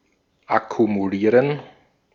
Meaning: to accumulate
- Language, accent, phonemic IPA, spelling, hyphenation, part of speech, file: German, Austria, /akumuˈliːʁən/, akkumulieren, ak‧ku‧mu‧lie‧ren, verb, De-at-akkumulieren.ogg